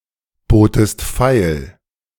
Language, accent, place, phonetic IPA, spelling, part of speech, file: German, Germany, Berlin, [ˌboːtəst ˈfaɪ̯l], botest feil, verb, De-botest feil.ogg
- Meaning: second-person singular preterite of feilbieten